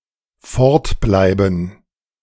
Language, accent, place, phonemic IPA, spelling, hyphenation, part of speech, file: German, Germany, Berlin, /ˈfɔʁtˌblaɪ̯bn̩/, fortbleiben, fort‧blei‧ben, verb, De-fortbleiben.ogg
- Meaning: to stay away